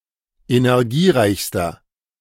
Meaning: inflection of energiereich: 1. strong/mixed nominative masculine singular superlative degree 2. strong genitive/dative feminine singular superlative degree 3. strong genitive plural superlative degree
- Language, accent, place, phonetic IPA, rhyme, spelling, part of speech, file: German, Germany, Berlin, [enɛʁˈɡiːˌʁaɪ̯çstɐ], -iːʁaɪ̯çstɐ, energiereichster, adjective, De-energiereichster.ogg